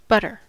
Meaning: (noun) A soft, fatty foodstuff made by churning the cream of milk (generally cow's milk)
- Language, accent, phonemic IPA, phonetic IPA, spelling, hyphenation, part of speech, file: English, US, /ˈbʌtɚ/, [ˈbʌɾɚ], butter, but‧ter, noun / verb, En-us-butter.ogg